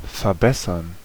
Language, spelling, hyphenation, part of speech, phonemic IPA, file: German, verbessern, ver‧bes‧sern, verb, /fɛɐ̯ˈbɛsɐn/, De-verbessern.ogg
- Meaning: 1. to improve (to make better), to enhance 2. to improve (to become better) 3. to correct